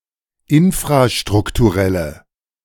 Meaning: inflection of infrastrukturell: 1. strong/mixed nominative/accusative feminine singular 2. strong nominative/accusative plural 3. weak nominative all-gender singular
- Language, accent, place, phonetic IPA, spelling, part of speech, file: German, Germany, Berlin, [ˈɪnfʁaʃtʁʊktuˌʁɛlə], infrastrukturelle, adjective, De-infrastrukturelle.ogg